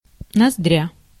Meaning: nostril
- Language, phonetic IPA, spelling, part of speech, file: Russian, [nɐzˈdrʲa], ноздря, noun, Ru-ноздря.ogg